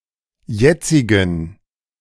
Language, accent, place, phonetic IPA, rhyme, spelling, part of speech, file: German, Germany, Berlin, [ˈjɛt͡sɪɡn̩], -ɛt͡sɪɡn̩, jetzigen, adjective, De-jetzigen.ogg
- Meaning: inflection of jetzig: 1. strong genitive masculine/neuter singular 2. weak/mixed genitive/dative all-gender singular 3. strong/weak/mixed accusative masculine singular 4. strong dative plural